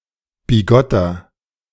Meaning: inflection of bigott: 1. strong/mixed nominative masculine singular 2. strong genitive/dative feminine singular 3. strong genitive plural
- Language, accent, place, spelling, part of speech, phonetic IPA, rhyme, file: German, Germany, Berlin, bigotter, adjective, [biˈɡɔtɐ], -ɔtɐ, De-bigotter.ogg